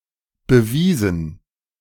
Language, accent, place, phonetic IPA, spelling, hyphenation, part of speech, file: German, Germany, Berlin, [bəˈviːzn̩], bewiesen, be‧wie‧sen, verb / adjective, De-bewiesen.ogg
- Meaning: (verb) past participle of beweisen; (adjective) proved, proven; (verb) inflection of beweisen: 1. first/third-person plural preterite 2. first/third-person plural subjunctive II